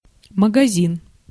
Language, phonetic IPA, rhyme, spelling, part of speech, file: Russian, [məɡɐˈzʲin], -in, магазин, noun, Ru-магазин.ogg
- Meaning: 1. shop, store (establishment that sells goods) 2. magazine (ammunition holder enabling multiple rounds of ammunition to be fed to a gun) 3. honey storehouse/storeroom 4. hopper, dispenser, stacker